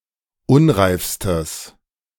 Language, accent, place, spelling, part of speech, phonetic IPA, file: German, Germany, Berlin, unreifstes, adjective, [ˈʊnʁaɪ̯fstəs], De-unreifstes.ogg
- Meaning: strong/mixed nominative/accusative neuter singular superlative degree of unreif